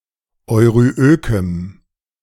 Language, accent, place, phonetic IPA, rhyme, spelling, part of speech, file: German, Germany, Berlin, [ɔɪ̯ʁyˈʔøːkəm], -øːkəm, euryökem, adjective, De-euryökem.ogg
- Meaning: strong dative masculine/neuter singular of euryök